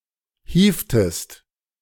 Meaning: inflection of hieven: 1. second-person singular preterite 2. second-person singular subjunctive II
- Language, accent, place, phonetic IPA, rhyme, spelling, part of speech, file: German, Germany, Berlin, [ˈhiːftəst], -iːftəst, hievtest, verb, De-hievtest.ogg